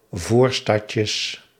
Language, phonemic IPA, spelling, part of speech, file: Dutch, /ˈvorstɑtjəs/, voorstadjes, noun, Nl-voorstadjes.ogg
- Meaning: plural of voorstadje